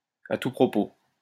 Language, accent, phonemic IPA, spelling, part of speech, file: French, France, /a tu pʁɔ.po/, à tout propos, adverb, LL-Q150 (fra)-à tout propos.wav
- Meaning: constantly, at every turn